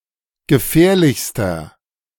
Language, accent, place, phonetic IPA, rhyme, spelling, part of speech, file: German, Germany, Berlin, [ɡəˈfɛːɐ̯lɪçstɐ], -ɛːɐ̯lɪçstɐ, gefährlichster, adjective, De-gefährlichster.ogg
- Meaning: inflection of gefährlich: 1. strong/mixed nominative masculine singular superlative degree 2. strong genitive/dative feminine singular superlative degree 3. strong genitive plural superlative degree